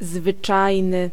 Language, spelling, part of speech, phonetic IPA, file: Polish, zwyczajny, adjective, [zvɨˈt͡ʃajnɨ], Pl-zwyczajny.ogg